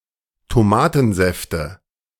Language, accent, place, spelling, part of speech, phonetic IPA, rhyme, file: German, Germany, Berlin, Tomatensäfte, noun, [toˈmaːtn̩ˌzɛftə], -aːtn̩zɛftə, De-Tomatensäfte.ogg
- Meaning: nominative/accusative/genitive plural of Tomatensaft